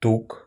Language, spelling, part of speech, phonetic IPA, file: Russian, тук, noun, [tuk], Ru-тук.ogg
- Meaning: 1. fat, lard 2. fertilizer